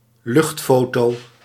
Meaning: aerial photograph
- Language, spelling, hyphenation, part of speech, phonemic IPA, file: Dutch, luchtfoto, lucht‧fo‧to, noun, /ˈlʏxtˌfoː.toː/, Nl-luchtfoto.ogg